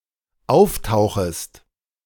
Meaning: second-person singular dependent subjunctive I of auftauchen
- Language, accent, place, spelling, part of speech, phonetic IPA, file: German, Germany, Berlin, auftauchest, verb, [ˈaʊ̯fˌtaʊ̯xəst], De-auftauchest.ogg